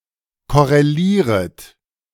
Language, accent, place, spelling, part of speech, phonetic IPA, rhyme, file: German, Germany, Berlin, korrelieret, verb, [ˌkɔʁeˈliːʁət], -iːʁət, De-korrelieret.ogg
- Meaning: second-person plural subjunctive I of korrelieren